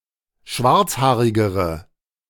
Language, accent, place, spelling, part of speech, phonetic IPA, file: German, Germany, Berlin, schwarzhaarigere, adjective, [ˈʃvaʁt͡sˌhaːʁɪɡəʁə], De-schwarzhaarigere.ogg
- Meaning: inflection of schwarzhaarig: 1. strong/mixed nominative/accusative feminine singular comparative degree 2. strong nominative/accusative plural comparative degree